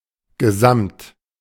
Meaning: total, whole, entire, overall, big
- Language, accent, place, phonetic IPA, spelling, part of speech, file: German, Germany, Berlin, [ɡəˈzamt], gesamt, adjective, De-gesamt.ogg